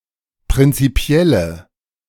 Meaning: inflection of prinzipiell: 1. strong/mixed nominative/accusative feminine singular 2. strong nominative/accusative plural 3. weak nominative all-gender singular
- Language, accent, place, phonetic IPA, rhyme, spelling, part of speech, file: German, Germany, Berlin, [pʁɪnt͡siˈpi̯ɛlə], -ɛlə, prinzipielle, adjective, De-prinzipielle.ogg